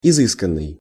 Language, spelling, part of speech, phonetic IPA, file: Russian, изысканный, verb / adjective, [ɪˈzɨskən(ː)ɨj], Ru-изысканный.ogg
- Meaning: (verb) past passive perfective participle of изыска́ть (izyskátʹ); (adjective) 1. refined, elegant 2. choice, exquisite